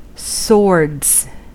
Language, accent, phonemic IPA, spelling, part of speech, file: English, US, /sɔɹdz/, swords, noun, En-us-swords.ogg
- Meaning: plural of sword